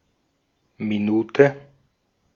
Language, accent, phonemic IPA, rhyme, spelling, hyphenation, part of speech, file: German, Austria, /miˈnuːtə/, -uːtə, Minute, Mi‧nu‧te, noun, De-at-Minute.ogg
- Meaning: minute (unit of time; unit of angle)